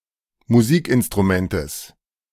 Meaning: genitive singular of Musikinstrument
- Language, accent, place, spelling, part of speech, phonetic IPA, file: German, Germany, Berlin, Musikinstrumentes, noun, [muˈziːkʔɪnstʁuˌmɛntəs], De-Musikinstrumentes.ogg